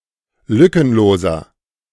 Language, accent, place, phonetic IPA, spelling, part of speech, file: German, Germany, Berlin, [ˈlʏkənˌloːzɐ], lückenloser, adjective, De-lückenloser.ogg
- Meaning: 1. comparative degree of lückenlos 2. inflection of lückenlos: strong/mixed nominative masculine singular 3. inflection of lückenlos: strong genitive/dative feminine singular